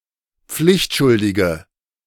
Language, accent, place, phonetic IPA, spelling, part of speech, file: German, Germany, Berlin, [ˈp͡flɪçtˌʃʊldɪɡə], pflichtschuldige, adjective, De-pflichtschuldige.ogg
- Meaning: inflection of pflichtschuldig: 1. strong/mixed nominative/accusative feminine singular 2. strong nominative/accusative plural 3. weak nominative all-gender singular